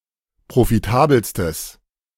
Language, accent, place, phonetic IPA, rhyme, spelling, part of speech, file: German, Germany, Berlin, [pʁofiˈtaːbl̩stəs], -aːbl̩stəs, profitabelstes, adjective, De-profitabelstes.ogg
- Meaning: strong/mixed nominative/accusative neuter singular superlative degree of profitabel